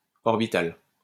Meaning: orbital
- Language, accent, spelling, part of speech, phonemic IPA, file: French, France, orbital, adjective, /ɔʁ.bi.tal/, LL-Q150 (fra)-orbital.wav